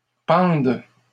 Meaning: first/third-person singular present subjunctive of pendre
- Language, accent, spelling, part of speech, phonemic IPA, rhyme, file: French, Canada, pende, verb, /pɑ̃d/, -ɑ̃d, LL-Q150 (fra)-pende.wav